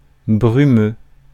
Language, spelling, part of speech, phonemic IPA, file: French, brumeux, adjective, /bʁy.mø/, Fr-brumeux.ogg
- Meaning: misty, hazy, foggy